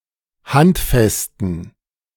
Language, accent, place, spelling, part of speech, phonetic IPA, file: German, Germany, Berlin, handfesten, adjective, [ˈhantˌfɛstn̩], De-handfesten.ogg
- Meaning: inflection of handfest: 1. strong genitive masculine/neuter singular 2. weak/mixed genitive/dative all-gender singular 3. strong/weak/mixed accusative masculine singular 4. strong dative plural